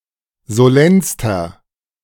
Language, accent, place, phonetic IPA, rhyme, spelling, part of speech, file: German, Germany, Berlin, [zoˈlɛnstɐ], -ɛnstɐ, solennster, adjective, De-solennster.ogg
- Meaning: inflection of solenn: 1. strong/mixed nominative masculine singular superlative degree 2. strong genitive/dative feminine singular superlative degree 3. strong genitive plural superlative degree